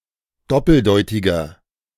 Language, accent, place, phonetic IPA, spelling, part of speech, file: German, Germany, Berlin, [ˈdɔpl̩ˌdɔɪ̯tɪɡɐ], doppeldeutiger, adjective, De-doppeldeutiger.ogg
- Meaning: 1. comparative degree of doppeldeutig 2. inflection of doppeldeutig: strong/mixed nominative masculine singular 3. inflection of doppeldeutig: strong genitive/dative feminine singular